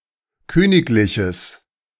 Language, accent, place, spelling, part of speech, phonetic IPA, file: German, Germany, Berlin, königliches, adjective, [ˈkøːnɪklɪçəs], De-königliches.ogg
- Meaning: strong/mixed nominative/accusative neuter singular of königlich